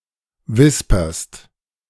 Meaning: second-person singular present of wispern
- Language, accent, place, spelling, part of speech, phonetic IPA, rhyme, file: German, Germany, Berlin, wisperst, verb, [ˈvɪspɐst], -ɪspɐst, De-wisperst.ogg